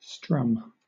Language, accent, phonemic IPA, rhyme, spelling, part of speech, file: English, Southern England, /strʌm/, -ʌm, strum, verb / noun, LL-Q1860 (eng)-strum.wav
- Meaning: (verb) To play (a guitar or other stringed instrument) by plucking various strings simultaneously; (noun) The sound made by playing various strings of a stringed instrument simultaneously